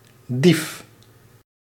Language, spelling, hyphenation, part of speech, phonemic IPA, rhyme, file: Dutch, dief, dief, noun, /dif/, -if, Nl-dief.ogg
- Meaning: a thief, one who steals